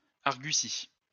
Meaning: quibble
- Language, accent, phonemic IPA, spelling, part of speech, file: French, France, /aʁ.ɡy.si/, argutie, noun, LL-Q150 (fra)-argutie.wav